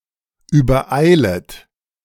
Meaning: second-person plural subjunctive I of übereilen
- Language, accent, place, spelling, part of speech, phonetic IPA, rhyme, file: German, Germany, Berlin, übereilet, verb, [yːbɐˈʔaɪ̯lət], -aɪ̯lət, De-übereilet.ogg